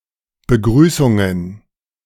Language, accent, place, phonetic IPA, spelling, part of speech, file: German, Germany, Berlin, [bəˈɡʁyːsʊŋən], Begrüßungen, noun, De-Begrüßungen.ogg
- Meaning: plural of Begrüßung